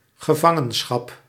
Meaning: 1. imprisonment 2. captivity
- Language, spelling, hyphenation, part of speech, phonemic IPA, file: Dutch, gevangenschap, ge‧van‧gen‧schap, noun, /ɣəˈvɑ.ŋə(n)ˌsxɑp/, Nl-gevangenschap.ogg